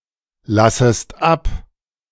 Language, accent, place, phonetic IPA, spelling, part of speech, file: German, Germany, Berlin, [ˌlasəst ˈap], lassest ab, verb, De-lassest ab.ogg
- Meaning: second-person singular subjunctive I of ablassen